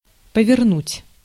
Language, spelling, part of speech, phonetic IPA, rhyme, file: Russian, повернуть, verb, [pəvʲɪrˈnutʲ], -utʲ, Ru-повернуть.ogg
- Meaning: 1. to turn, to swing 2. to turn (to change direction of one's motion)